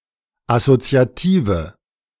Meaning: inflection of assoziativ: 1. strong/mixed nominative/accusative feminine singular 2. strong nominative/accusative plural 3. weak nominative all-gender singular
- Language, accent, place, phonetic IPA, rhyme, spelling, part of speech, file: German, Germany, Berlin, [asot͡si̯aˈtiːvə], -iːvə, assoziative, adjective, De-assoziative.ogg